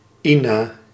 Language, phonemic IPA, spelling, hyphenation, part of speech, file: Dutch, /ˈi.naː/, Ina, Ina, proper noun, Nl-Ina.ogg
- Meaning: a female given name